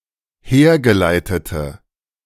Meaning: inflection of hergeleitet: 1. strong/mixed nominative/accusative feminine singular 2. strong nominative/accusative plural 3. weak nominative all-gender singular
- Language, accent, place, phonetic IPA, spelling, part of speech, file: German, Germany, Berlin, [ˈheːɐ̯ɡəˌlaɪ̯tətə], hergeleitete, adjective, De-hergeleitete.ogg